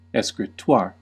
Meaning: A writing desk with a hinged door that provides the writing surface
- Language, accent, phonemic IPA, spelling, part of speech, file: English, US, /ˌɛskɹɪˈtwɑːɹ/, escritoire, noun, En-us-escritoire.ogg